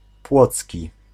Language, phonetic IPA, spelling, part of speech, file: Polish, [ˈpwɔt͡sʲci], płocki, adjective, Pl-płocki.ogg